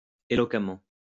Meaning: eloquently
- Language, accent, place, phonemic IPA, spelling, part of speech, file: French, France, Lyon, /e.lɔ.ka.mɑ̃/, éloquemment, adverb, LL-Q150 (fra)-éloquemment.wav